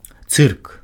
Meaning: circus
- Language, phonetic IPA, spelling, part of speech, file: Belarusian, [t͡sɨrk], цырк, noun, Be-цырк.ogg